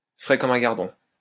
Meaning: 1. fit as a fiddle 2. fresh as a daisy
- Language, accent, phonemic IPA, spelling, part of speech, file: French, France, /fʁɛ kɔ.m‿œ̃ ɡaʁ.dɔ̃/, frais comme un gardon, adjective, LL-Q150 (fra)-frais comme un gardon.wav